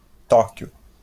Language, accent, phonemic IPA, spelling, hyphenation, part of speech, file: Portuguese, Brazil, /ˈtɔ.kju/, Tóquio, Tó‧qui‧o, proper noun, LL-Q5146 (por)-Tóquio.wav
- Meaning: 1. Tokyo (a prefecture and capital city of Japan) 2. The Japanese government